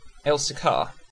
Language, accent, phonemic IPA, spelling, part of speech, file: English, UK, /ˈɛlsɪkɑː/, Elsecar, proper noun, En-uk-Elsecar.ogg
- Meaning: A village in the Metropolitan Borough of Barnsley, South Yorkshire, England (OS grid ref SE3800)